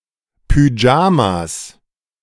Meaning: 1. genitive singular of Pyjama 2. plural of Pyjama
- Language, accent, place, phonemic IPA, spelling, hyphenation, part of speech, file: German, Germany, Berlin, /pyˈd͡ʒaːmas/, Pyjamas, Py‧ja‧mas, noun, De-Pyjamas.ogg